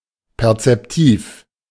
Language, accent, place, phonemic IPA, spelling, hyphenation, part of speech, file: German, Germany, Berlin, /pɛʁt͡sɛpˈtiːf/, perzeptiv, per‧zep‧tiv, adjective, De-perzeptiv.ogg
- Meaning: perceptive